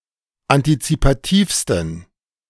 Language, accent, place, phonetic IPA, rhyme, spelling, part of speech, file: German, Germany, Berlin, [antit͡sipaˈtiːfstn̩], -iːfstn̩, antizipativsten, adjective, De-antizipativsten.ogg
- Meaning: 1. superlative degree of antizipativ 2. inflection of antizipativ: strong genitive masculine/neuter singular superlative degree